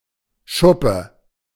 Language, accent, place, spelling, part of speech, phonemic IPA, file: German, Germany, Berlin, Schuppe, noun, /ˈʃʊpə/, De-Schuppe.ogg
- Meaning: 1. scale (keratin pieces covering the skin of certain animals) 2. piece of dandruff; and in the plural: dandruff